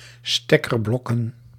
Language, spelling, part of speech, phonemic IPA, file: Dutch, stekkerblokken, noun, /ˈstɛkərˌblɔkə(n)/, Nl-stekkerblokken.ogg
- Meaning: plural of stekkerblok